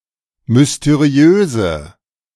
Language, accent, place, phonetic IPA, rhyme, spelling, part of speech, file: German, Germany, Berlin, [mʏsteˈʁi̯øːzə], -øːzə, mysteriöse, adjective, De-mysteriöse.ogg
- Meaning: inflection of mysteriös: 1. strong/mixed nominative/accusative feminine singular 2. strong nominative/accusative plural 3. weak nominative all-gender singular